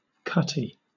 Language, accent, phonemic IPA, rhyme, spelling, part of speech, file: English, Southern England, /ˈkʌti/, -ʌti, cutty, adjective / noun, LL-Q1860 (eng)-cutty.wav
- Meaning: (adjective) 1. Short, shortened, or small; curtailed 2. Having many cuts 3. Sharp, cutting easily; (noun) 1. A short spoon 2. A short tobacco pipe; a cutty-pipe 3. A wanton or unchaste woman